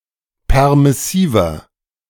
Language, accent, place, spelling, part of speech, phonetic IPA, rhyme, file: German, Germany, Berlin, permissiver, adjective, [ˌpɛʁmɪˈsiːvɐ], -iːvɐ, De-permissiver.ogg
- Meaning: 1. comparative degree of permissiv 2. inflection of permissiv: strong/mixed nominative masculine singular 3. inflection of permissiv: strong genitive/dative feminine singular